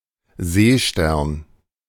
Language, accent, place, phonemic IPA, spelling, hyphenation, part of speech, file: German, Germany, Berlin, /ˈzeːʃtɛʁn/, Seestern, See‧stern, noun, De-Seestern.ogg
- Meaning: starfish